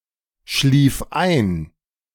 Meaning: first/third-person singular preterite of einschlafen
- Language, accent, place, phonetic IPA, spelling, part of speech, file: German, Germany, Berlin, [ˌʃliːf ˈaɪ̯n], schlief ein, verb, De-schlief ein.ogg